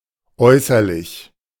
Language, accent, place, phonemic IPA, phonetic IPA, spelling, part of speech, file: German, Germany, Berlin, /ˈɔʏ̯səʁˌlɪç/, [ˈʔɔʏ̯sɐˌlɪç], äußerlich, adjective / adverb, De-äußerlich.ogg
- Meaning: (adjective) external, outward, extrinsic; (adverb) externally, outwardly